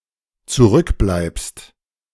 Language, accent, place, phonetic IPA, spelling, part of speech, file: German, Germany, Berlin, [t͡suˈʁʏkˌblaɪ̯pst], zurückbleibst, verb, De-zurückbleibst.ogg
- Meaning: second-person singular dependent present of zurückbleiben